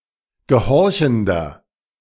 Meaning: inflection of gehorchend: 1. strong/mixed nominative masculine singular 2. strong genitive/dative feminine singular 3. strong genitive plural
- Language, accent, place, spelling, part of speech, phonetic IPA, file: German, Germany, Berlin, gehorchender, adjective, [ɡəˈhɔʁçn̩dɐ], De-gehorchender.ogg